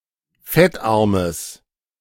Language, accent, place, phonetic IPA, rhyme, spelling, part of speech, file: German, Germany, Berlin, [ˈfɛtˌʔaʁməs], -ɛtʔaʁməs, fettarmes, adjective, De-fettarmes.ogg
- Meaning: strong/mixed nominative/accusative neuter singular of fettarm